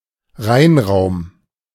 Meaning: cleanroom
- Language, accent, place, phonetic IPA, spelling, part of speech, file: German, Germany, Berlin, [ˈʁaɪ̯nˌʁaʊ̯m], Reinraum, noun, De-Reinraum.ogg